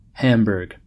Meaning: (proper noun) 1. The second largest city in, and a state of, Germany 2. Any of various communities in the United States; named for the German city: A city, the county seat of Ashley County, Arkansas
- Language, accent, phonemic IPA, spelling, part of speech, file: English, US, /ˈhæmbɝɡ/, Hamburg, proper noun / noun, En-us-Hamburg.ogg